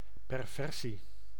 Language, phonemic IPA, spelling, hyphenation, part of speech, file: Dutch, /ˌpɛrˈvɛr.si/, perversie, per‧ver‧sie, noun, Nl-perversie.ogg
- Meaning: 1. perversion, pervertedness 2. something perverse